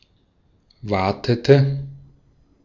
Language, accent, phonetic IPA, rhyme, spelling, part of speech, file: German, Austria, [ˈvaːtətə], -aːtətə, watete, verb, De-at-watete.ogg
- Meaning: inflection of waten: 1. first/third-person singular preterite 2. first/third-person singular subjunctive II